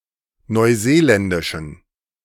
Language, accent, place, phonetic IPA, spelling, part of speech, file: German, Germany, Berlin, [nɔɪ̯ˈzeːˌlɛndɪʃn̩], neuseeländischen, adjective, De-neuseeländischen.ogg
- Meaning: inflection of neuseeländisch: 1. strong genitive masculine/neuter singular 2. weak/mixed genitive/dative all-gender singular 3. strong/weak/mixed accusative masculine singular 4. strong dative plural